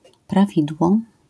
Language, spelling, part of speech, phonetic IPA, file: Polish, prawidło, noun, [praˈvʲidwɔ], LL-Q809 (pol)-prawidło.wav